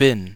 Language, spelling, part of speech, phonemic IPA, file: German, bin, verb, /bɪn/, De-bin.ogg
- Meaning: first-person singular present of sein